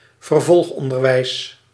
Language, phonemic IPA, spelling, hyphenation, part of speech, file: Dutch, /vərˈvɔlxˌɔn.dər.ʋɛi̯s/, vervolgonderwijs, ver‧volg‧on‧der‧wijs, noun, Nl-vervolgonderwijs.ogg
- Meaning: further education, continuing education